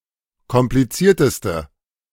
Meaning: inflection of kompliziert: 1. strong/mixed nominative/accusative feminine singular superlative degree 2. strong nominative/accusative plural superlative degree
- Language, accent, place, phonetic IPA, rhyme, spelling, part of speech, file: German, Germany, Berlin, [kɔmpliˈt͡siːɐ̯təstə], -iːɐ̯təstə, komplizierteste, adjective, De-komplizierteste.ogg